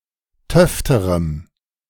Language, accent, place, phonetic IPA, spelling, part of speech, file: German, Germany, Berlin, [ˈtœftəʁəm], töfterem, adjective, De-töfterem.ogg
- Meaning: strong dative masculine/neuter singular comparative degree of töfte